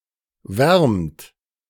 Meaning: inflection of wärmen: 1. second-person plural present 2. third-person singular present 3. plural imperative
- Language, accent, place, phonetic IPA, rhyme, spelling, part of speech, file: German, Germany, Berlin, [vɛʁmt], -ɛʁmt, wärmt, verb, De-wärmt.ogg